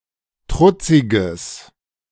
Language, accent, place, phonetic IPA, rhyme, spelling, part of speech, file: German, Germany, Berlin, [ˈtʁʊt͡sɪɡəs], -ʊt͡sɪɡəs, trutziges, adjective, De-trutziges.ogg
- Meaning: strong/mixed nominative/accusative neuter singular of trutzig